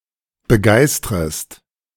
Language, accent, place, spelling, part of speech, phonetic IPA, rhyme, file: German, Germany, Berlin, begeistrest, verb, [bəˈɡaɪ̯stʁəst], -aɪ̯stʁəst, De-begeistrest.ogg
- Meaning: second-person singular subjunctive I of begeistern